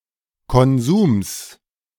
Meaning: genitive singular of Konsum
- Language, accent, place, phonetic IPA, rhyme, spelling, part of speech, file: German, Germany, Berlin, [kɔnˈzuːms], -uːms, Konsums, noun, De-Konsums.ogg